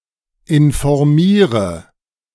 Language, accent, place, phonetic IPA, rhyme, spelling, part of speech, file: German, Germany, Berlin, [ɪnfɔʁˈmiːʁə], -iːʁə, informiere, verb, De-informiere.ogg
- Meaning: inflection of informieren: 1. first-person singular present 2. singular imperative 3. first/third-person singular subjunctive I